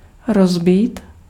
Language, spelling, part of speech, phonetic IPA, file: Czech, rozbít, verb, [ˈrozbiːt], Cs-rozbít.ogg
- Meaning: 1. to break, to smash, to shatter 2. to break, to shatter